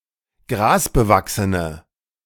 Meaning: inflection of grasbewachsen: 1. strong/mixed nominative/accusative feminine singular 2. strong nominative/accusative plural 3. weak nominative all-gender singular
- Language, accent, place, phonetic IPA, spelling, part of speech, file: German, Germany, Berlin, [ˈɡʁaːsbəˌvaksənə], grasbewachsene, adjective, De-grasbewachsene.ogg